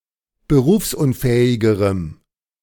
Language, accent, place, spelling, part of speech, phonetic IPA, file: German, Germany, Berlin, berufsunfähigerem, adjective, [bəˈʁuːfsʔʊnˌfɛːɪɡəʁəm], De-berufsunfähigerem.ogg
- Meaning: strong dative masculine/neuter singular comparative degree of berufsunfähig